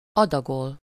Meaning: 1. to ration 2. to dose 3. to feed (to give to a machine to be processed)
- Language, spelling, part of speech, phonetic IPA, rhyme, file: Hungarian, adagol, verb, [ˈɒdɒɡol], -ol, Hu-adagol.ogg